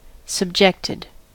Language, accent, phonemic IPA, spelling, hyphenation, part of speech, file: English, US, /səbˈd͡ʒɛktɪd/, subjected, sub‧ject‧ed, verb, En-us-subjected.ogg
- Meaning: simple past and past participle of subject